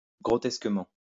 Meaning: grotesquely
- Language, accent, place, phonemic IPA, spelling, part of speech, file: French, France, Lyon, /ɡʁɔ.tɛs.kə.mɑ̃/, grotesquement, adverb, LL-Q150 (fra)-grotesquement.wav